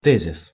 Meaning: thesis (statement supported by arguments)
- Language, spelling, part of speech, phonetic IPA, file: Russian, тезис, noun, [ˈtɛzʲɪs], Ru-тезис.ogg